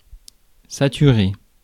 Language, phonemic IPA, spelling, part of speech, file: French, /sa.ty.ʁe/, saturer, verb, Fr-saturer.ogg
- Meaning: 1. to saturate 2. to have reached saturation point; to have had enough